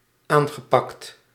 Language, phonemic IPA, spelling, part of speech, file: Dutch, /ˈaŋɣəˌpɑkt/, aangepakt, verb, Nl-aangepakt.ogg
- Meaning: past participle of aanpakken